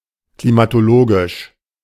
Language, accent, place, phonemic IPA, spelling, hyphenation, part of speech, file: German, Germany, Berlin, /klimatoˈloːɡɪʃ/, klimatologisch, kli‧ma‧to‧lo‧gisch, adjective, De-klimatologisch.ogg
- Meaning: climatological